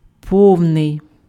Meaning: full
- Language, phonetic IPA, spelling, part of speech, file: Ukrainian, [ˈpɔu̯nei̯], повний, adjective, Uk-повний.ogg